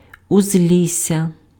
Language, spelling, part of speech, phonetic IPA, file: Ukrainian, узлісся, noun, [ʊzʲˈlʲisʲːɐ], Uk-узлісся.ogg
- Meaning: border, edge (of a forest)